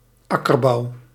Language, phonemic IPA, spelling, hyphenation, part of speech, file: Dutch, /ˈɑ.kərˌbɑu̯/, akkerbouw, ak‧ker‧bouw, noun, Nl-akkerbouw.ogg
- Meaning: tillage, branch of agriculture dedicated to the cultivation of crops and other plants on fields